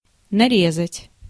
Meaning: 1. to cut, to slice 2. to rifle, to thread 3. to get hurt (by cutting), to leave a painful impression on one's body
- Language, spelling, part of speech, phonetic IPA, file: Russian, нарезать, verb, [nɐˈrʲezətʲ], Ru-нарезать.ogg